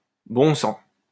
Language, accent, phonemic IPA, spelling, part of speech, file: French, France, /bɔ̃ sɑ̃/, bon sang, interjection, LL-Q150 (fra)-bon sang.wav
- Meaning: bloody hell, gosh